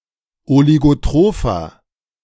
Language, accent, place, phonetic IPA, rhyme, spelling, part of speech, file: German, Germany, Berlin, [oliɡoˈtʁoːfɐ], -oːfɐ, oligotropher, adjective, De-oligotropher.ogg
- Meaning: 1. comparative degree of oligotroph 2. inflection of oligotroph: strong/mixed nominative masculine singular 3. inflection of oligotroph: strong genitive/dative feminine singular